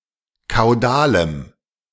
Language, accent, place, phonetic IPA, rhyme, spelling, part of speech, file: German, Germany, Berlin, [kaʊ̯ˈdaːləm], -aːləm, kaudalem, adjective, De-kaudalem.ogg
- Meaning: strong dative masculine/neuter singular of kaudal